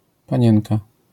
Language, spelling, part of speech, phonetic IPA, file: Polish, panienka, noun, [pãˈɲɛ̃nka], LL-Q809 (pol)-panienka.wav